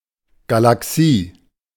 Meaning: galaxy (huge gravitationally bound system of stars)
- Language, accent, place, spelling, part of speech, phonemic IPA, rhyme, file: German, Germany, Berlin, Galaxie, noun, /ɡalaˈksiː/, -iː, De-Galaxie.ogg